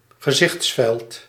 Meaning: 1. field of view 2. scope of one's comprehension
- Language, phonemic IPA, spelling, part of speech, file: Dutch, /ɣəˈzɪx(t)sfɛlt/, gezichtsveld, noun, Nl-gezichtsveld.ogg